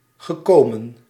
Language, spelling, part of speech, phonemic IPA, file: Dutch, gekomen, verb, /ɣəˈkomə(n)/, Nl-gekomen.ogg
- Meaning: past participle of komen